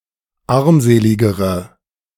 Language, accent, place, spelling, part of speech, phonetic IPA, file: German, Germany, Berlin, armseligere, adjective, [ˈaʁmˌzeːlɪɡəʁə], De-armseligere.ogg
- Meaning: inflection of armselig: 1. strong/mixed nominative/accusative feminine singular comparative degree 2. strong nominative/accusative plural comparative degree